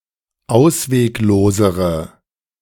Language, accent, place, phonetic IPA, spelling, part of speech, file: German, Germany, Berlin, [ˈaʊ̯sveːkˌloːzəʁə], ausweglosere, adjective, De-ausweglosere.ogg
- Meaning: inflection of ausweglos: 1. strong/mixed nominative/accusative feminine singular comparative degree 2. strong nominative/accusative plural comparative degree